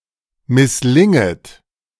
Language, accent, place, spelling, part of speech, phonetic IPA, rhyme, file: German, Germany, Berlin, misslinget, verb, [mɪsˈlɪŋət], -ɪŋət, De-misslinget.ogg
- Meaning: second-person plural subjunctive I of misslingen